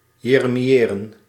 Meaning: to lament, to wail
- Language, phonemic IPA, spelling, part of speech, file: Dutch, /ˌjeː.rə.miˈeː.rə(n)/, jeremiëren, verb, Nl-jeremiëren.ogg